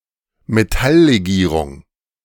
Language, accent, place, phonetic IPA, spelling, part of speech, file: German, Germany, Berlin, [meˈtalleˌɡiːʁʊŋ], Metalllegierung, noun, De-Metalllegierung.ogg
- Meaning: metal alloy